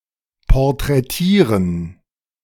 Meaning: inflection of porträtieren: 1. first/third-person plural preterite 2. first/third-person plural subjunctive II
- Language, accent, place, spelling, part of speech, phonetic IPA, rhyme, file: German, Germany, Berlin, porträtierten, adjective / verb, [pɔʁtʁɛˈtiːɐ̯tn̩], -iːɐ̯tn̩, De-porträtierten.ogg